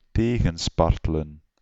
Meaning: to resist by struggling, to flounder in resistance
- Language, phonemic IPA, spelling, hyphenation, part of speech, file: Dutch, /ˈteː.ɣə(n)ˌspɑr.tə.lə(n)/, tegenspartelen, te‧gen‧spar‧te‧len, verb, Nl-tegenspartelen.ogg